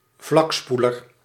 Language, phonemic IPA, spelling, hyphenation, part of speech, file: Dutch, /ˈvlɑkˌspu.lər/, vlakspoeler, vlak‧spoe‧ler, noun, Nl-vlakspoeler.ogg
- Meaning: toilet with a horizontal plateau